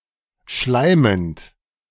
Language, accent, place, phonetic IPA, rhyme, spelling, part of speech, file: German, Germany, Berlin, [ˈʃlaɪ̯mənt], -aɪ̯mənt, schleimend, verb, De-schleimend.ogg
- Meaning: present participle of schleimen